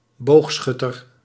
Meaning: 1. Sagittarius 2. someone with a Sagittarius star sign
- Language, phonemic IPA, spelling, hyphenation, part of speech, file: Dutch, /ˈboːxˌsxʏtər/, Boogschutter, Boog‧schut‧ter, proper noun, Nl-Boogschutter.ogg